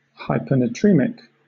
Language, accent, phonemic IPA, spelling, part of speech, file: English, Southern England, /ˌhaɪ.pə.nəˈtɹiː.mɪk/, hypernatremic, adjective, LL-Q1860 (eng)-hypernatremic.wav
- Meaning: Having an abnormally high concentration of sodium (or salt) in blood plasma